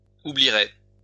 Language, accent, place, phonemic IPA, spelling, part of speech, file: French, France, Lyon, /u.bli.ʁe/, oublierai, verb, LL-Q150 (fra)-oublierai.wav
- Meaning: first-person singular future of oublier